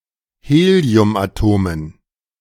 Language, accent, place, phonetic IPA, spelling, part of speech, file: German, Germany, Berlin, [ˈheːli̯ʊmʔaˌtoːmən], Heliumatomen, noun, De-Heliumatomen.ogg
- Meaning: dative plural of Heliumatom